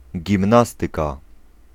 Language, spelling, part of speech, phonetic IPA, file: Polish, gimnastyka, noun, [ɟĩmˈnastɨka], Pl-gimnastyka.ogg